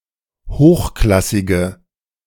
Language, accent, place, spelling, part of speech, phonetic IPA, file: German, Germany, Berlin, hochklassige, adjective, [ˈhoːxˌklasɪɡə], De-hochklassige.ogg
- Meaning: inflection of hochklassig: 1. strong/mixed nominative/accusative feminine singular 2. strong nominative/accusative plural 3. weak nominative all-gender singular